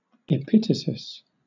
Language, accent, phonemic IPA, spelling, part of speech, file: English, Southern England, /ɪˈpɪtəsɪs/, epitasis, noun, LL-Q1860 (eng)-epitasis.wav
- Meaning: 1. The second part of a play, in which the action begins 2. The addition of a concluding sentence that merely emphasizes what has already been stated